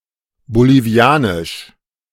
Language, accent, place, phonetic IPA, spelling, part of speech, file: German, Germany, Berlin, [boliˈvi̯aːnɪʃ], bolivianisch, adjective, De-bolivianisch.ogg
- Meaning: of Bolivia; Bolivian